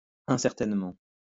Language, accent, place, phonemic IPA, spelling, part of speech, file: French, France, Lyon, /ɛ̃.sɛʁ.tɛn.mɑ̃/, incertainement, adverb, LL-Q150 (fra)-incertainement.wav
- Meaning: uncertainly